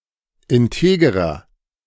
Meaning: inflection of integer: 1. strong/mixed nominative masculine singular 2. strong genitive/dative feminine singular 3. strong genitive plural
- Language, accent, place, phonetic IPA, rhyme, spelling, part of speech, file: German, Germany, Berlin, [ɪnˈteːɡəʁɐ], -eːɡəʁɐ, integerer, adjective, De-integerer.ogg